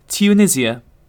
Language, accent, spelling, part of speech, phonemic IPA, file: English, UK, Tunisia, proper noun, /tjuːˈnɪzi.ə/, En-uk-tunisia.ogg
- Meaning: A country in North Africa. Capital: 1. Tunis.: The Republic of Tunisia, since 1956 2. Tunis.: Ottoman Tunisia; the Eyalet of Tunis, from 1534 to 1881